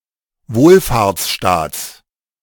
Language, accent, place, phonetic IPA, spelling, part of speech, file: German, Germany, Berlin, [ˈvoːlfaːɐ̯t͡sˌʃtaːt͡s], Wohlfahrtsstaats, noun, De-Wohlfahrtsstaats.ogg
- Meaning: genitive singular of Wohlfahrtsstaat